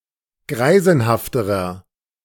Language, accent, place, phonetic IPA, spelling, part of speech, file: German, Germany, Berlin, [ˈɡʁaɪ̯zn̩haftəʁɐ], greisenhafterer, adjective, De-greisenhafterer.ogg
- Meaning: inflection of greisenhaft: 1. strong/mixed nominative masculine singular comparative degree 2. strong genitive/dative feminine singular comparative degree 3. strong genitive plural comparative degree